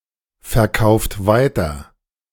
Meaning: inflection of weiterverkaufen: 1. second-person plural present 2. third-person singular present 3. plural imperative
- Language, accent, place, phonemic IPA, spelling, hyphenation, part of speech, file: German, Germany, Berlin, /fɛɐ̯ˌkaʊ̯ft ˈvaɪ̯tɐ/, verkauft weiter, ver‧kauft wei‧ter, verb, De-verkauft weiter.ogg